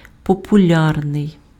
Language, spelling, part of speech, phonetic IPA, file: Ukrainian, популярний, adjective, [pɔpʊˈlʲarnei̯], Uk-популярний.ogg
- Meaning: 1. popular (aimed at the general public) 2. popular (liked by many people)